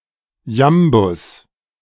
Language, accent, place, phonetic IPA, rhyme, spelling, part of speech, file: German, Germany, Berlin, [ˈjambʊs], -ambʊs, Jambus, noun, De-Jambus.ogg
- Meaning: jambus, iambus, iamb